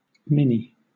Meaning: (adjective) Miniature, tiny, small; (noun) 1. Abbreviation of miniskirt 2. Abbreviation of minicomputer 3. Abbreviation of miniature (“small figurine of a character”) 4. A very young dancer
- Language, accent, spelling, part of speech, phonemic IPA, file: English, Southern England, mini, adjective / noun, /ˈmɪn.i/, LL-Q1860 (eng)-mini.wav